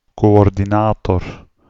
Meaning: coordinator
- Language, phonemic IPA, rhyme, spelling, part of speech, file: Dutch, /ˌkoː.ɔr.diˈnaː.tɔr/, -aːtɔr, coördinator, noun, Nl-coördinator.ogg